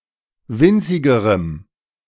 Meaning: strong dative masculine/neuter singular comparative degree of winzig
- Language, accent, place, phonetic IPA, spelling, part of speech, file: German, Germany, Berlin, [ˈvɪnt͡sɪɡəʁəm], winzigerem, adjective, De-winzigerem.ogg